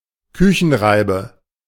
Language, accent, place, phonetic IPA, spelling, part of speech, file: German, Germany, Berlin, [ˈkʏçn̩ˌʁaɪ̯bə], Küchenreibe, noun, De-Küchenreibe.ogg
- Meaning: grater, shredder